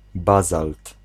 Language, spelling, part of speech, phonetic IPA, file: Polish, bazalt, noun, [ˈbazalt], Pl-bazalt.ogg